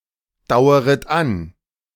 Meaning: second-person plural subjunctive I of andauern
- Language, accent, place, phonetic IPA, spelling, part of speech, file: German, Germany, Berlin, [ˌdaʊ̯əʁət ˈan], daueret an, verb, De-daueret an.ogg